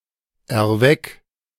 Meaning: 1. singular imperative of erwecken 2. first-person singular present of erwecken
- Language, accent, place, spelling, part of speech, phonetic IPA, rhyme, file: German, Germany, Berlin, erweck, verb, [ɛɐ̯ˈvɛk], -ɛk, De-erweck.ogg